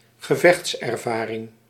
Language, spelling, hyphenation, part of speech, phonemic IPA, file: Dutch, gevechtservaring, ge‧vechts‧er‧va‧ring, noun, /ɣəˈvɛxts.ɛrˌvaː.rɪŋ/, Nl-gevechtservaring.ogg
- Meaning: combat experience, experience of battle